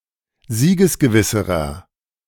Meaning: inflection of siegesgewiss: 1. strong/mixed nominative masculine singular comparative degree 2. strong genitive/dative feminine singular comparative degree 3. strong genitive plural comparative degree
- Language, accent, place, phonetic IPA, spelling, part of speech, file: German, Germany, Berlin, [ˈziːɡəsɡəˌvɪsəʁɐ], siegesgewisserer, adjective, De-siegesgewisserer.ogg